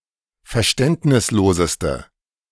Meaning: inflection of verständnislos: 1. strong/mixed nominative/accusative feminine singular superlative degree 2. strong nominative/accusative plural superlative degree
- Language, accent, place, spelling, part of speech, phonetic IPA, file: German, Germany, Berlin, verständnisloseste, adjective, [fɛɐ̯ˈʃtɛntnɪsˌloːzəstə], De-verständnisloseste.ogg